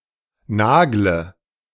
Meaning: inflection of nageln: 1. first-person singular present 2. singular imperative 3. first/third-person singular subjunctive I
- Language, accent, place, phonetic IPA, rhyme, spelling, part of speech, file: German, Germany, Berlin, [ˈnaːɡlə], -aːɡlə, nagle, verb, De-nagle.ogg